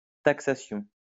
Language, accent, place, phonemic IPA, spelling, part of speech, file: French, France, Lyon, /tak.sa.sjɔ̃/, taxation, noun, LL-Q150 (fra)-taxation.wav
- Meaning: taxation